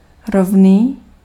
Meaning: 1. even (flat and level) 2. equal
- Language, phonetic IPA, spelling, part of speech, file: Czech, [ˈrovniː], rovný, adjective, Cs-rovný.ogg